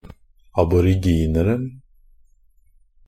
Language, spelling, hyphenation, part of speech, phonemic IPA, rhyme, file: Norwegian Bokmål, aborigineren, ab‧or‧ig‧in‧er‧en, noun, /abɔrɪˈɡiːnərn̩/, -ərn̩, NB - Pronunciation of Norwegian Bokmål «aborigineren».ogg
- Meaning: definite singular of aboriginer